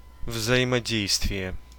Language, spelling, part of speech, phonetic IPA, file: Russian, взаимодействие, noun, [vzɐˌimɐˈdʲejstvʲɪje], Ru-взаимодействие.ogg
- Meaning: 1. interaction, interplay 2. cooperation, coordination